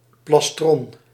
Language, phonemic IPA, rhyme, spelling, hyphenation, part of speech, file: Dutch, /plɑsˈtrɔn/, -ɔn, plastron, plas‧tron, noun, Nl-plastron.ogg
- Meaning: 1. plastron (lower part of a turtle/tortoise shell) 2. plastron, breastplate, piece of armour covering the chest